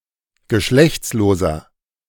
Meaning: inflection of geschlechtslos: 1. strong/mixed nominative masculine singular 2. strong genitive/dative feminine singular 3. strong genitive plural
- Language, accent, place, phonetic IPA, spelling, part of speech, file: German, Germany, Berlin, [ɡəˈʃlɛçt͡sloːzɐ], geschlechtsloser, adjective, De-geschlechtsloser.ogg